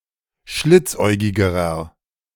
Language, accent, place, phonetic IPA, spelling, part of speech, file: German, Germany, Berlin, [ˈʃlɪt͡sˌʔɔɪ̯ɡɪɡəʁɐ], schlitzäugigerer, adjective, De-schlitzäugigerer.ogg
- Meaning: inflection of schlitzäugig: 1. strong/mixed nominative masculine singular comparative degree 2. strong genitive/dative feminine singular comparative degree 3. strong genitive plural comparative degree